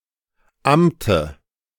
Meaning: dative singular of Amt
- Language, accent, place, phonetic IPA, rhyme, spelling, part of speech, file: German, Germany, Berlin, [ˈamtə], -amtə, Amte, noun, De-Amte.ogg